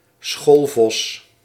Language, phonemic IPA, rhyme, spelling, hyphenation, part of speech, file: Dutch, /ˈsxoːl.vɔs/, -oːlvɔs, schoolvos, school‧vos, noun, Nl-schoolvos.ogg
- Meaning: 1. a pedant, notably a teacher who loves finding and correcting faults; an unpleasant teacher 2. an experienced schoolteacher, who knows all the tricks of the trade